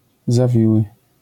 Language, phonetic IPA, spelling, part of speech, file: Polish, [zaˈvʲiwɨ], zawiły, adjective, LL-Q809 (pol)-zawiły.wav